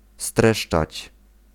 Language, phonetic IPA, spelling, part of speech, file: Polish, [ˈstrɛʃt͡ʃat͡ɕ], streszczać, verb, Pl-streszczać.ogg